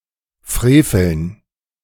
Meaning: to commit an outrage
- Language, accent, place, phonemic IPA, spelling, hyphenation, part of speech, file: German, Germany, Berlin, /ˈfʁeːfl̩n/, freveln, fre‧veln, verb, De-freveln.ogg